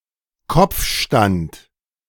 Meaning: headstand
- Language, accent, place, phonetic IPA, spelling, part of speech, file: German, Germany, Berlin, [ˈkɔp͡fˌʃtant], Kopfstand, noun, De-Kopfstand.ogg